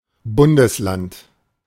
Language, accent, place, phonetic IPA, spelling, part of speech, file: German, Germany, Berlin, [ˈbʊndəsˌlant], Bundesland, noun, De-Bundesland.ogg
- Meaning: 1. federal state (non-sovereign state) 2. One of the 16 federal states of Germany 3. One of the 9 federal states of Austria